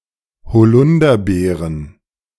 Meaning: plural of Holunderbeere
- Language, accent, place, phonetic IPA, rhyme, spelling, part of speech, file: German, Germany, Berlin, [hoˈlʊndɐˌbeːʁən], -ʊndɐbeːʁən, Holunderbeeren, noun, De-Holunderbeeren.ogg